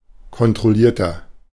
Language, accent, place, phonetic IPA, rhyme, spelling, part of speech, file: German, Germany, Berlin, [kɔntʁɔˈliːɐ̯tɐ], -iːɐ̯tɐ, kontrollierter, adjective, De-kontrollierter.ogg
- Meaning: 1. comparative degree of kontrolliert 2. inflection of kontrolliert: strong/mixed nominative masculine singular 3. inflection of kontrolliert: strong genitive/dative feminine singular